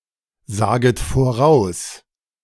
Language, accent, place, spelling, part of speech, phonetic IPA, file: German, Germany, Berlin, saget voraus, verb, [ˌzaːɡət foˈʁaʊ̯s], De-saget voraus.ogg
- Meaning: second-person plural subjunctive I of voraussagen